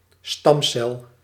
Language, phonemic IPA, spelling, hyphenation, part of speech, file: Dutch, /ˈstɑm.sɛl/, stamcel, stam‧cel, noun, Nl-stamcel.ogg
- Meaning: stem cell